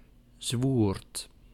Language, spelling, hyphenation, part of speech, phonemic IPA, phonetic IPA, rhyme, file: Dutch, zwoerd, zwoerd, noun, /zʋurt/, [zʋuːrt], -uːrt, Nl-zwoerd.ogg
- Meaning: 1. pork rind, sward 2. sward, greensward